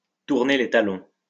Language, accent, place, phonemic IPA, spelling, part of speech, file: French, France, Lyon, /tuʁ.ne le ta.lɔ̃/, tourner les talons, verb, LL-Q150 (fra)-tourner les talons.wav
- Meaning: to turn on one's heel, to turn tail